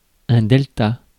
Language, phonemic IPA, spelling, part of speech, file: French, /dɛl.ta/, delta, noun, Fr-delta.ogg
- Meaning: 1. delta (Greek letter) 2. delta (geographical feature)